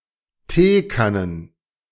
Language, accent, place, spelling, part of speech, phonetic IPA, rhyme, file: German, Germany, Berlin, Teekannen, noun, [ˈteːˌkanən], -eːkanən, De-Teekannen.ogg
- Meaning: plural of Teekanne